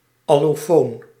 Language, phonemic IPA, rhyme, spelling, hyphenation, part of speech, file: Dutch, /ˌɑ.loːˈfoːn/, -oːn, allofoon, al‧lo‧foon, noun, Nl-allofoon.ogg
- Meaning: an allophone